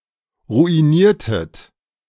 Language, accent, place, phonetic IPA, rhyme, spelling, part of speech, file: German, Germany, Berlin, [ʁuiˈniːɐ̯tət], -iːɐ̯tət, ruiniertet, verb, De-ruiniertet.ogg
- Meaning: inflection of ruinieren: 1. second-person plural preterite 2. second-person plural subjunctive II